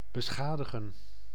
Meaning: to damage
- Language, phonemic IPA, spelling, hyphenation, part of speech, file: Dutch, /bəˈsxaːdəɣə(n)/, beschadigen, be‧scha‧di‧gen, verb, Nl-beschadigen.ogg